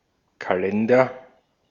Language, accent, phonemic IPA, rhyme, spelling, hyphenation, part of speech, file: German, Austria, /kaˈlɛndɐ/, -ɛndɐ, Kalender, Ka‧len‧der, noun, De-at-Kalender.ogg
- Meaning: calendar (means for determining dates, including documents containing date and other time information)